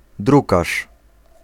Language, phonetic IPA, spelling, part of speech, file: Polish, [ˈdrukaʃ], drukarz, noun, Pl-drukarz.ogg